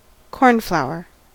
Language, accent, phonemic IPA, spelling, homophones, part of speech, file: English, US, /ˈkɔɹnˌflaʊ.ɚ/, cornflower, cornflour, noun / adjective, En-us-cornflower.ogg
- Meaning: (noun) A small annual plant in the family Asteraceae, Centaurea cyanus, usually with bushy blue flowers which grows natively in European cornfields (i.e. wheatfields)